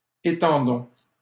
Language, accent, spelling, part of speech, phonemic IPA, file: French, Canada, étendons, verb, /e.tɑ̃.dɔ̃/, LL-Q150 (fra)-étendons.wav
- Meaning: inflection of étendre: 1. first-person plural present indicative 2. first-person plural imperative